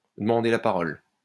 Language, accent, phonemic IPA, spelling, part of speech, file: French, France, /də.mɑ̃.de la pa.ʁɔl/, demander la parole, verb, LL-Q150 (fra)-demander la parole.wav
- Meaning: to ask for the right to speak, to ask for permission to speak, to ask to speak